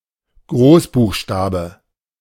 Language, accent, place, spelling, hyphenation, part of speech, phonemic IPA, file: German, Germany, Berlin, Großbuchstabe, Groß‧buch‧sta‧be, noun, /ˈɡʁoːsbuːxˌʃtaːbə/, De-Großbuchstabe.ogg
- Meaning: capital letter; capital